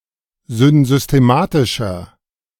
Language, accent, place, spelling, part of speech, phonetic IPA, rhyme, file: German, Germany, Berlin, synsystematischer, adjective, [zʏnzʏsteˈmaːtɪʃɐ], -aːtɪʃɐ, De-synsystematischer.ogg
- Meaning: inflection of synsystematisch: 1. strong/mixed nominative masculine singular 2. strong genitive/dative feminine singular 3. strong genitive plural